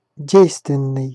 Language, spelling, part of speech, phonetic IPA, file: Russian, действенный, adjective, [ˈdʲejstvʲɪn(ː)ɨj], Ru-действенный.ogg
- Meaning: effective